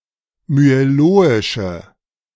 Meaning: inflection of myeloisch: 1. strong/mixed nominative/accusative feminine singular 2. strong nominative/accusative plural 3. weak nominative all-gender singular
- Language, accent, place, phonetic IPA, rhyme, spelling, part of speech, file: German, Germany, Berlin, [myeˈloːɪʃə], -oːɪʃə, myeloische, adjective, De-myeloische.ogg